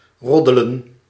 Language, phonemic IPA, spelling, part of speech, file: Dutch, /ˈrɔdələ(n)/, roddelen, verb, Nl-roddelen.ogg
- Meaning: to gossip